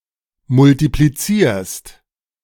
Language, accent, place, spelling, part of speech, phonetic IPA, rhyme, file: German, Germany, Berlin, multiplizierst, verb, [mʊltipliˈt͡siːɐ̯st], -iːɐ̯st, De-multiplizierst.ogg
- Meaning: second-person singular present of multiplizieren